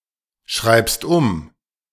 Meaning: second-person singular present of umschreiben
- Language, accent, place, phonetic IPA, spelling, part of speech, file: German, Germany, Berlin, [ˈʃʁaɪ̯pst ʊm], schreibst um, verb, De-schreibst um.ogg